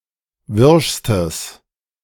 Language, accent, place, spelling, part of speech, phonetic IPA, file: German, Germany, Berlin, wirschstes, adjective, [ˈvɪʁʃstəs], De-wirschstes.ogg
- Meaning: strong/mixed nominative/accusative neuter singular superlative degree of wirsch